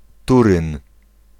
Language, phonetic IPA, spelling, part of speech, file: Polish, [ˈturɨ̃n], Turyn, proper noun, Pl-Turyn.ogg